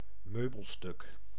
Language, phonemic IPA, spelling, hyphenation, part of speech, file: Dutch, /ˈmøː.bəlˌstʏk/, meubelstuk, meu‧bel‧stuk, noun, Nl-meubelstuk.ogg
- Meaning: an item of furniture, (usually) in a room